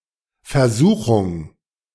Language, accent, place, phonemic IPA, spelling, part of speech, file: German, Germany, Berlin, /fɛɐ̯ˈzuːχʊŋ/, Versuchung, noun, De-Versuchung.ogg
- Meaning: temptation